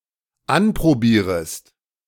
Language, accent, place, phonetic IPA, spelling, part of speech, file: German, Germany, Berlin, [ˈanpʁoˌbiːʁəst], anprobierest, verb, De-anprobierest.ogg
- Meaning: second-person singular dependent subjunctive I of anprobieren